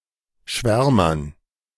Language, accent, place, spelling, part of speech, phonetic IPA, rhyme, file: German, Germany, Berlin, Schwärmern, noun, [ˈʃvɛʁmɐn], -ɛʁmɐn, De-Schwärmern.ogg
- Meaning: dative plural of Schwärmer